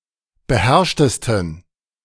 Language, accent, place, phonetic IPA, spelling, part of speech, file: German, Germany, Berlin, [bəˈhɛʁʃtəstn̩], beherrschtesten, adjective, De-beherrschtesten.ogg
- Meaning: 1. superlative degree of beherrscht 2. inflection of beherrscht: strong genitive masculine/neuter singular superlative degree